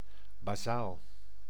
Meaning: basic, elementary
- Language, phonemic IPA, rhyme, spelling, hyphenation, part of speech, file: Dutch, /baːˈzaːl/, -aːl, basaal, ba‧saal, adjective, Nl-basaal.ogg